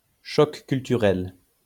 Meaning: culture shock
- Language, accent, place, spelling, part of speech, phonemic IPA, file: French, France, Lyon, choc culturel, noun, /ʃɔk kyl.ty.ʁɛl/, LL-Q150 (fra)-choc culturel.wav